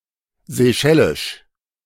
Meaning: of the Seychelles; Seychellois
- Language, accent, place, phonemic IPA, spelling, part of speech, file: German, Germany, Berlin, /zeˈʃɛlɪʃ/, seychellisch, adjective, De-seychellisch.ogg